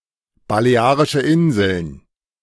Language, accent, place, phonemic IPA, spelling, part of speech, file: German, Germany, Berlin, /baleˈaːʁɪʃə ˈɪnzəln/, Balearische Inseln, proper noun, De-Balearische Inseln.ogg
- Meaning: Balearic Islands (an archipelago, autonomous community, and province off the east coast of Spain, formed by the four major islands Mallorca, Minorca, Ibiza, and Formentera and several smaller islands)